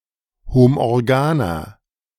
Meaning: inflection of homorgan: 1. strong/mixed nominative masculine singular 2. strong genitive/dative feminine singular 3. strong genitive plural
- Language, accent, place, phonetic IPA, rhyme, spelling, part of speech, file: German, Germany, Berlin, [homʔɔʁˈɡaːnɐ], -aːnɐ, homorganer, adjective, De-homorganer.ogg